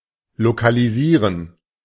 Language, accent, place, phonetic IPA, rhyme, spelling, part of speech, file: German, Germany, Berlin, [lokaliˈziːʁən], -iːʁən, lokalisieren, verb, De-lokalisieren.ogg
- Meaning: to localize